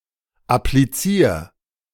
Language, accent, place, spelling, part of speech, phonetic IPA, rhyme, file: German, Germany, Berlin, applizier, verb, [apliˈt͡siːɐ̯], -iːɐ̯, De-applizier.ogg
- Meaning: 1. singular imperative of applizieren 2. first-person singular present of applizieren